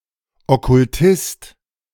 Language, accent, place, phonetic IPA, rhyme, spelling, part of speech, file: German, Germany, Berlin, [ˌɔkʊlˈtɪst], -ɪst, Okkultist, noun, De-Okkultist.ogg
- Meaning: occultist